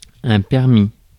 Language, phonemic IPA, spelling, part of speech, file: French, /pɛʁ.mi/, permis, noun / verb, Fr-permis.ogg
- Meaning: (noun) permit, licence; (verb) 1. first/second-person singular past historic of permettre 2. past participle of permettre